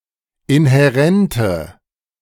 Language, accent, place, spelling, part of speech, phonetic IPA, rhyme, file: German, Germany, Berlin, inhärente, adjective, [ɪnhɛˈʁɛntə], -ɛntə, De-inhärente.ogg
- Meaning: inflection of inhärent: 1. strong/mixed nominative/accusative feminine singular 2. strong nominative/accusative plural 3. weak nominative all-gender singular